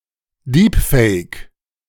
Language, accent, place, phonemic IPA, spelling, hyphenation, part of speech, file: German, Germany, Berlin, /ˈdiːpfɛɪ̯k/, Deepfake, Deep‧fake, noun, De-Deepfake.ogg
- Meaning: deepfake